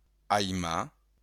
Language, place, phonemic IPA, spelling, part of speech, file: Occitan, Béarn, /ajˈma/, aimar, verb, LL-Q14185 (oci)-aimar.wav
- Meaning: 1. to like 2. to love